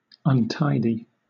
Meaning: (adjective) 1. Sloppy 2. Disorganized; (verb) To make untidy, to make a mess
- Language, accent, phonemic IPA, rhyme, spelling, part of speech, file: English, Southern England, /ʌnˈtaɪdi/, -aɪdi, untidy, adjective / verb, LL-Q1860 (eng)-untidy.wav